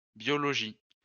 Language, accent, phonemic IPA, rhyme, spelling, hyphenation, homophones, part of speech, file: French, France, /bjɔ.lɔ.ʒi/, -i, biologies, bio‧lo‧gies, biologie, noun, LL-Q150 (fra)-biologies.wav
- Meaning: plural of biologie